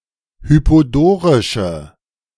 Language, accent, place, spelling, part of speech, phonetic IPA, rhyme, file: German, Germany, Berlin, hypodorische, adjective, [ˌhypoˈdoːʁɪʃə], -oːʁɪʃə, De-hypodorische.ogg
- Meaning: inflection of hypodorisch: 1. strong/mixed nominative/accusative feminine singular 2. strong nominative/accusative plural 3. weak nominative all-gender singular